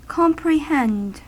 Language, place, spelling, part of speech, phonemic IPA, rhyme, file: English, California, comprehend, verb, /ˌkɑmpɹɪˈhɛnd/, -ɛnd, En-us-comprehend.ogg
- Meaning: 1. To understand or grasp fully and thoroughly; to plumb 2. To include, comprise; to contain